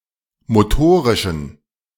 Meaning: inflection of motorisch: 1. strong genitive masculine/neuter singular 2. weak/mixed genitive/dative all-gender singular 3. strong/weak/mixed accusative masculine singular 4. strong dative plural
- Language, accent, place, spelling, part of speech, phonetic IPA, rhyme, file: German, Germany, Berlin, motorischen, adjective, [moˈtoːʁɪʃn̩], -oːʁɪʃn̩, De-motorischen.ogg